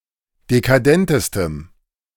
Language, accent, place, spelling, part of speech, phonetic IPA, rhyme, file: German, Germany, Berlin, dekadentestem, adjective, [dekaˈdɛntəstəm], -ɛntəstəm, De-dekadentestem.ogg
- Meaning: strong dative masculine/neuter singular superlative degree of dekadent